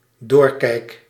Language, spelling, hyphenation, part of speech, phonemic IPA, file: Dutch, doorkijk, door‧kijk, noun, /ˈdoːr.kɛi̯k/, Nl-doorkijk.ogg
- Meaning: 1. an opening through which one can see 2. something providing insight or perspective